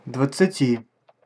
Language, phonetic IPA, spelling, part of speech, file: Russian, [dvət͡s(ː)ɨˈtʲi], двадцати, numeral, Ru-двадцати.ogg
- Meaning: genitive/dative/prepositional of два́дцать (dvádcatʹ)